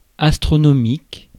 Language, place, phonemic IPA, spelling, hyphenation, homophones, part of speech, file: French, Paris, /as.tʁɔ.nɔ.mik/, astronomique, as‧tro‧no‧mique, astronomiques, adjective, Fr-astronomique.ogg
- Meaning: 1. astronomy; astronomical 2. astronomical, huge, enormous (extremely large)